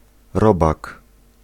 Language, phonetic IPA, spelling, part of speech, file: Polish, [ˈrɔbak], robak, noun, Pl-robak.ogg